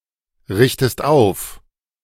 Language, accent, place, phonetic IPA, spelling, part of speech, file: German, Germany, Berlin, [ˌʁɪçtəst ˈaʊ̯f], richtest auf, verb, De-richtest auf.ogg
- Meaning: inflection of aufrichten: 1. second-person singular present 2. second-person singular subjunctive I